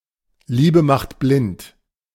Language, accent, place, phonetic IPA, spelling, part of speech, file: German, Germany, Berlin, [ˈliːbə maxt blɪnt], Liebe macht blind, phrase, De-Liebe macht blind.ogg
- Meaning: love is blind